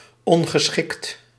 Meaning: 1. unsuitable 2. unfriendly
- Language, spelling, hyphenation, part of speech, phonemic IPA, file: Dutch, ongeschikt, on‧ge‧schikt, adjective, /ˌɔn.ɣəˈsxɪkt/, Nl-ongeschikt.ogg